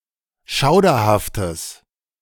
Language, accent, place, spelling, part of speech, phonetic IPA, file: German, Germany, Berlin, schauderhaftes, adjective, [ˈʃaʊ̯dɐhaftəs], De-schauderhaftes.ogg
- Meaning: strong/mixed nominative/accusative neuter singular of schauderhaft